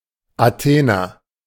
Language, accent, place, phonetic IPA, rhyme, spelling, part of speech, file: German, Germany, Berlin, [aˈteːnɐ], -eːnɐ, Athener, noun / adjective, De-Athener.ogg
- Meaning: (noun) Athenian (a native or inhabitant of Athens); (adjective) of Athens; Athenian (from, of, or pertaining to Athens)